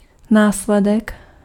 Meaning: consequence (of a cause)
- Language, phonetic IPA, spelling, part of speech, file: Czech, [ˈnaːslɛdɛk], následek, noun, Cs-následek.ogg